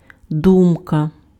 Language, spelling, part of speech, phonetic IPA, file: Ukrainian, думка, noun, [ˈdumkɐ], Uk-думка.ogg
- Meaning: 1. thought 2. opinion, view